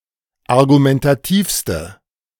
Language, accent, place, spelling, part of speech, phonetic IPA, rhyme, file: German, Germany, Berlin, argumentativste, adjective, [aʁɡumɛntaˈtiːfstə], -iːfstə, De-argumentativste.ogg
- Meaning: inflection of argumentativ: 1. strong/mixed nominative/accusative feminine singular superlative degree 2. strong nominative/accusative plural superlative degree